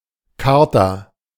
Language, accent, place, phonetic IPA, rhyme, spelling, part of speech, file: German, Germany, Berlin, [ˈkvaʁta], -aʁta, Quarta, noun, De-Quarta.ogg
- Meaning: 1. the third class of Gymnasium 2. the fourth class of Gymnasium